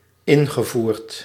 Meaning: past participle of invoeren
- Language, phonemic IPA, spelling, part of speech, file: Dutch, /ˈɪŋɣəˌvurt/, ingevoerd, adjective / verb, Nl-ingevoerd.ogg